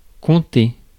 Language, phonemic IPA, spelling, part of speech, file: French, /kɔ̃.te/, conter, verb, Fr-conter.ogg
- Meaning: to recount (tell a story)